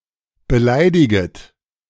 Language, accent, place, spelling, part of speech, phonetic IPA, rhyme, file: German, Germany, Berlin, beleidiget, verb, [bəˈlaɪ̯dɪɡət], -aɪ̯dɪɡət, De-beleidiget.ogg
- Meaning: second-person plural subjunctive I of beleidigen